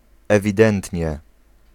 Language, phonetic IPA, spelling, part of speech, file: Polish, [ˌɛvʲiˈdɛ̃ntʲɲɛ], ewidentnie, adverb, Pl-ewidentnie.ogg